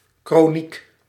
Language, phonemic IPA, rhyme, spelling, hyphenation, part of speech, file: Dutch, /kroːˈnik/, -ik, kroniek, kro‧niek, noun, Nl-kroniek.ogg
- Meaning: chronicle, annals